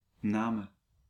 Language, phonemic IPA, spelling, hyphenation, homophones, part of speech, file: Dutch, /ˈnaː.mə(n)/, Namen, Na‧men, namen, proper noun, Nl-Namen.ogg
- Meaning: 1. Namur, a city in southern Belgium 2. Namur, a former countship in present Belgium, named after its above capital city 3. Namur, a province of Belgium, named after its above capital city